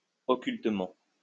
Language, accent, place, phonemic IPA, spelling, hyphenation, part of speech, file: French, France, Lyon, /ɔ.kyl.tə.mɑ̃/, occultement, o‧ccul‧tement, adverb, LL-Q150 (fra)-occultement.wav
- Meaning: occultly